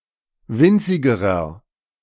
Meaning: inflection of winzig: 1. strong/mixed nominative masculine singular comparative degree 2. strong genitive/dative feminine singular comparative degree 3. strong genitive plural comparative degree
- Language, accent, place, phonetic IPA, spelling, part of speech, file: German, Germany, Berlin, [ˈvɪnt͡sɪɡəʁɐ], winzigerer, adjective, De-winzigerer.ogg